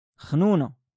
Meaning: 1. mucus, snot 2. someone easy to manipulate 3. homosexual, gay
- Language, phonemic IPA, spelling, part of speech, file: Moroccan Arabic, /xnuː.na/, خنونة, noun, LL-Q56426 (ary)-خنونة.wav